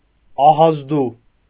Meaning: scary, frightening, dreadful, terrifying
- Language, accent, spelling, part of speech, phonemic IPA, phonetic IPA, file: Armenian, Eastern Armenian, ահազդու, adjective, /ɑhɑzˈdu/, [ɑhɑzdú], Hy-ահազդու.ogg